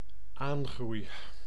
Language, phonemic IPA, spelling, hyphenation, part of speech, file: Dutch, /ˈaːn.ɣrui̯/, aangroei, aan‧groei, noun / verb, Nl-aangroei.ogg
- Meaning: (noun) increase; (verb) first-person singular dependent-clause present indicative of aangroeien